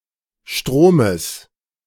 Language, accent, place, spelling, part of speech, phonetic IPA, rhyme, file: German, Germany, Berlin, Stromes, noun, [ˈʃtʁoːməs], -oːməs, De-Stromes.ogg
- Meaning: genitive singular of Strom